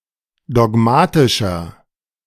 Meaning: 1. comparative degree of dogmatisch 2. inflection of dogmatisch: strong/mixed nominative masculine singular 3. inflection of dogmatisch: strong genitive/dative feminine singular
- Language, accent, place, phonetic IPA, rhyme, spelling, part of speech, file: German, Germany, Berlin, [dɔˈɡmaːtɪʃɐ], -aːtɪʃɐ, dogmatischer, adjective, De-dogmatischer.ogg